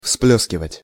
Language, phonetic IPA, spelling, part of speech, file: Russian, [ˈfsplʲɵskʲɪvətʲ], всплёскивать, verb, Ru-всплёскивать.ogg
- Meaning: to splash